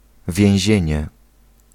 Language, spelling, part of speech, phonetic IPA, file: Polish, więzienie, noun, [vʲjɛ̃w̃ˈʑɛ̇̃ɲɛ], Pl-więzienie.ogg